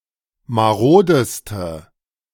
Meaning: inflection of marode: 1. strong/mixed nominative/accusative feminine singular superlative degree 2. strong nominative/accusative plural superlative degree
- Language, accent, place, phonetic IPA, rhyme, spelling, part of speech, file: German, Germany, Berlin, [maˈʁoːdəstə], -oːdəstə, marodeste, adjective, De-marodeste.ogg